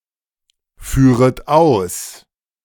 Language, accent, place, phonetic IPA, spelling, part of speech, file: German, Germany, Berlin, [ˌfyːʁət ˈaʊ̯s], führet aus, verb, De-führet aus.ogg
- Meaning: second-person plural subjunctive I of ausführen